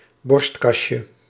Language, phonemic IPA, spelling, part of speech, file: Dutch, /ˈborstkaʃə/, borstkasje, noun, Nl-borstkasje.ogg
- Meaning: diminutive of borstkas